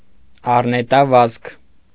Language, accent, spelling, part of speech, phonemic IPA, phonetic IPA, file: Armenian, Eastern Armenian, առնետավազք, noun, /ɑrnetɑˈvɑzkʰ/, [ɑrnetɑvɑ́skʰ], Hy-առնետավազք.ogg
- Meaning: mass crossing to another camp, jumping ship, reneging